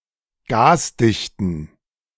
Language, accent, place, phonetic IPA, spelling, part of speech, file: German, Germany, Berlin, [ˈɡaːsˌdɪçtn̩], gasdichten, adjective, De-gasdichten.ogg
- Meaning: inflection of gasdicht: 1. strong genitive masculine/neuter singular 2. weak/mixed genitive/dative all-gender singular 3. strong/weak/mixed accusative masculine singular 4. strong dative plural